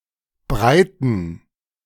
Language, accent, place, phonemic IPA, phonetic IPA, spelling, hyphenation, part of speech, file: German, Germany, Berlin, /ˈbʁaɪ̯tən/, [ˈbʁaɪ̯tn̩], breiten, brei‧ten, verb / adjective, De-breiten2.ogg
- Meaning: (verb) 1. to spread 2. to extend, to stretch; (adjective) inflection of breit: 1. strong genitive masculine/neuter singular 2. weak/mixed genitive/dative all-gender singular